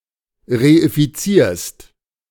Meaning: second-person singular present of reifizieren
- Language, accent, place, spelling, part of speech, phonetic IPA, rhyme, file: German, Germany, Berlin, reifizierst, verb, [ʁeifiˈt͡siːɐ̯st], -iːɐ̯st, De-reifizierst.ogg